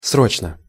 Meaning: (adverb) urgently (with a sense of urgency); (adjective) short neuter singular of сро́чный (sróčnyj)
- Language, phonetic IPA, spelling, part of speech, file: Russian, [ˈsrot͡ɕnə], срочно, adverb / adjective, Ru-срочно.ogg